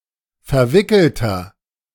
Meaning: 1. comparative degree of verwickelt 2. inflection of verwickelt: strong/mixed nominative masculine singular 3. inflection of verwickelt: strong genitive/dative feminine singular
- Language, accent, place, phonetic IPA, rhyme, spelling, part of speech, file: German, Germany, Berlin, [fɛɐ̯ˈvɪkl̩tɐ], -ɪkl̩tɐ, verwickelter, adjective, De-verwickelter.ogg